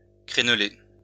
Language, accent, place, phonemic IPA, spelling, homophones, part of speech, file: French, France, Lyon, /kʁɛn.le/, crèneler, crénelai / crénelé / crénelée / crénelées / crénelés / crénelez, verb, LL-Q150 (fra)-crèneler.wav
- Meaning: post-1990 spelling of créneler